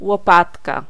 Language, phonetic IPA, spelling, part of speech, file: Polish, [wɔˈpatka], łopatka, noun, Pl-łopatka.ogg